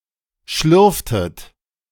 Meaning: inflection of schlürfen: 1. second-person plural preterite 2. second-person plural subjunctive II
- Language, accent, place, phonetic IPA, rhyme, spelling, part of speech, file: German, Germany, Berlin, [ˈʃlʏʁftət], -ʏʁftət, schlürftet, verb, De-schlürftet.ogg